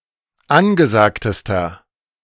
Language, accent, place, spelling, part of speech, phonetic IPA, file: German, Germany, Berlin, angesagtester, adjective, [ˈanɡəˌzaːktəstɐ], De-angesagtester.ogg
- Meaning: inflection of angesagt: 1. strong/mixed nominative masculine singular superlative degree 2. strong genitive/dative feminine singular superlative degree 3. strong genitive plural superlative degree